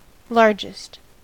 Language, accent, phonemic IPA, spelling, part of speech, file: English, US, /ˈlɑɹd͡ʒɪst/, largest, adjective, En-us-largest.ogg
- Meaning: superlative form of large: most large